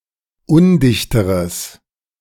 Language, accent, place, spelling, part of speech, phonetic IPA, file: German, Germany, Berlin, undichteres, adjective, [ˈʊndɪçtəʁəs], De-undichteres.ogg
- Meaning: strong/mixed nominative/accusative neuter singular comparative degree of undicht